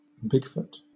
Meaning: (proper noun) A very large, hairy, humanoid creature, similar to the yeti, said to live in the wilderness areas of the United States and Canada, especially the Pacific Northwest
- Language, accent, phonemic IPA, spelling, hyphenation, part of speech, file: English, Southern England, /ˈbɪɡˌfʊt/, Bigfoot, Big‧foot, proper noun / noun / verb, LL-Q1860 (eng)-Bigfoot.wav